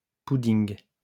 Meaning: post-1990 spelling of pudding
- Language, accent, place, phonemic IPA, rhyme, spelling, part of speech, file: French, France, Lyon, /pu.diŋ/, -iŋ, pouding, noun, LL-Q150 (fra)-pouding.wav